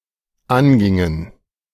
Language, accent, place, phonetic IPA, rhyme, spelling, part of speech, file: German, Germany, Berlin, [ˈanˌɡɪŋən], -anɡɪŋən, angingen, verb, De-angingen.ogg
- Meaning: inflection of angehen: 1. first/third-person plural dependent preterite 2. first/third-person plural dependent subjunctive II